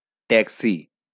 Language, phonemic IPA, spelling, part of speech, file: Bengali, /ʈæk.ʃi/, ট্যাক্সি, noun, LL-Q9610 (ben)-ট্যাক্সি.wav
- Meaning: taxi